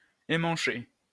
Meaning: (adjective) having handles that are of a different tincture or layer of enamel; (noun) 1. sodomite 2. idiot, fool 3. jerk, dickhead; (verb) past participle of emmancher
- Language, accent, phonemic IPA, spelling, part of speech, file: French, France, /ɑ̃.mɑ̃.ʃe/, emmanché, adjective / noun / verb, LL-Q150 (fra)-emmanché.wav